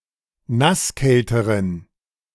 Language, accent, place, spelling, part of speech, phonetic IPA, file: German, Germany, Berlin, nasskälteren, adjective, [ˈnasˌkɛltəʁən], De-nasskälteren.ogg
- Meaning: inflection of nasskalt: 1. strong genitive masculine/neuter singular comparative degree 2. weak/mixed genitive/dative all-gender singular comparative degree